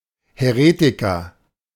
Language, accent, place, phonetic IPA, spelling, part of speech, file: German, Germany, Berlin, [hɛˈʁeːtɪkɐ], Häretiker, noun, De-Häretiker.ogg
- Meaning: heretic (male or of unspecified gender)